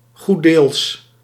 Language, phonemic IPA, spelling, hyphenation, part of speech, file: Dutch, /ˈɣu(t).deːls/, goeddeels, goed‧deels, adverb, Nl-goeddeels.ogg
- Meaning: for the most part, mainly